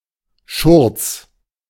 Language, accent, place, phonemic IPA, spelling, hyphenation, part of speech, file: German, Germany, Berlin, /ʃʊʁt͡s/, Schurz, Schurz, noun, De-Schurz.ogg
- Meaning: apron